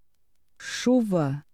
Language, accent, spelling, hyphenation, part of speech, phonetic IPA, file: Portuguese, Portugal, chuva, chu‧va, noun, [ˈt͡ʃu.βɐ], Pt chuva.ogg
- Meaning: rain